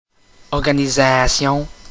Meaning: organization
- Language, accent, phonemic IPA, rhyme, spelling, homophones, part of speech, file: French, Quebec, /ɔʁ.ɡa.ni.za.sjɔ̃/, -ɔ̃, organisation, organisations, noun, Qc-organisation.oga